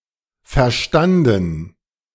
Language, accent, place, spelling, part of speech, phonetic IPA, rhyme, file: German, Germany, Berlin, verstanden, verb, [fɛɐ̯ˈʃtandn̩], -andn̩, De-verstanden.ogg
- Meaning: past participle of verstehen